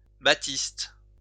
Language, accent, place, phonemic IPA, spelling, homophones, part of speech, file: French, France, Lyon, /ba.tist/, batiste, baptiste, noun, LL-Q150 (fra)-batiste.wav
- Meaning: cambric (textile)